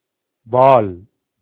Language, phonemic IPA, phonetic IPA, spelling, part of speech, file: Tamil, /ʋɑːl/, [ʋäːl], வால், noun / adjective, Ta-வால்.ogg
- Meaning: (noun) tail; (adjective) mischievous, naughty